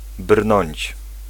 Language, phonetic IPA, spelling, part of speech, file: Polish, [brnɔ̃ɲt͡ɕ], brnąć, verb, Pl-brnąć.ogg